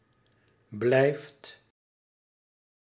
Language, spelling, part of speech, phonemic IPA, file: Dutch, blijft, verb, /blɛift/, Nl-blijft.ogg
- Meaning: inflection of blijven: 1. second/third-person singular present indicative 2. plural imperative